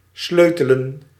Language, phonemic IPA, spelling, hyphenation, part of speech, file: Dutch, /ˈsløː.tə.lə(n)/, sleutelen, sleu‧te‧len, verb, Nl-sleutelen.ogg
- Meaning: to tinker, to fix